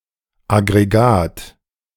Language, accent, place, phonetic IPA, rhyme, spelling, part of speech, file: German, Germany, Berlin, [ˌaɡʁeˈɡaːt], -aːt, Aggregat, noun, De-Aggregat2.ogg
- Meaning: 1. a system (set of devices or mechanisms designed to perform a single task) 2. aggregate (mass of mineral crystals) 3. a species complex (collection of similar species)